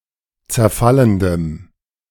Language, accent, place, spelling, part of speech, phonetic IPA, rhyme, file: German, Germany, Berlin, zerfallendem, adjective, [t͡sɛɐ̯ˈfaləndəm], -aləndəm, De-zerfallendem.ogg
- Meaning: strong dative masculine/neuter singular of zerfallend